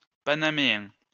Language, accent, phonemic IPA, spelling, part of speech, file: French, France, /pa.na.me.ɛ̃/, panaméen, adjective, LL-Q150 (fra)-panaméen.wav
- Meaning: Panamanian